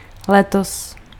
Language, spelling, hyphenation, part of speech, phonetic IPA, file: Czech, letos, le‧tos, adverb, [ˈlɛtos], Cs-letos.ogg
- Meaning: this year